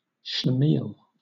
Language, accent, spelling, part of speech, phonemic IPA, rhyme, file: English, Southern England, schlemiel, noun, /ʃləˈmiːl/, -iːl, LL-Q1860 (eng)-schlemiel.wav
- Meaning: 1. A loser or a fool 2. A person who is clumsy or who hurts others emotionally